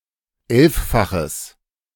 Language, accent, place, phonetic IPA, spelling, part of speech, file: German, Germany, Berlin, [ˈɛlffaxəs], elffaches, adjective, De-elffaches.ogg
- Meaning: strong/mixed nominative/accusative neuter singular of elffach